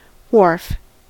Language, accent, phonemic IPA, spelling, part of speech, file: English, General American, /ˈwɔɹf/, wharf, noun / verb, En-us-wharf.ogg
- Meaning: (noun) 1. An artificial landing place for ships on a riverbank or shore 2. Any bank of a river or shore of a sea; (verb) 1. To secure by a wharf 2. To place on a wharf